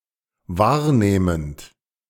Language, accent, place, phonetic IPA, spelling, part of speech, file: German, Germany, Berlin, [ˈvaːɐ̯ˌneːmənt], wahrnehmend, verb, De-wahrnehmend.ogg
- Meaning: present participle of wahrnehmen